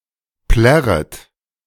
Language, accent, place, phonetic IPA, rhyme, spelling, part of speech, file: German, Germany, Berlin, [ˈplɛʁət], -ɛʁət, plärret, verb, De-plärret.ogg
- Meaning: second-person plural subjunctive I of plärren